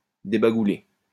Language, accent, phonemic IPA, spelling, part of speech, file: French, France, /de.ba.ɡu.le/, débagouler, verb, LL-Q150 (fra)-débagouler.wav
- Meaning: 1. to vomit, to sick up 2. to hurl (abuse etc.)